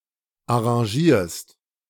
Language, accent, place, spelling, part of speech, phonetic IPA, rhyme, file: German, Germany, Berlin, arrangierst, verb, [aʁɑ̃ˈʒiːɐ̯st], -iːɐ̯st, De-arrangierst.ogg
- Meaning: second-person singular present of arrangieren